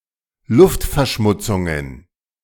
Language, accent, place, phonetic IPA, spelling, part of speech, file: German, Germany, Berlin, [ˈlʊftfɛɐ̯ˌʃmʊt͡sʊŋən], Luftverschmutzungen, noun, De-Luftverschmutzungen.ogg
- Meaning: plural of Luftverschmutzung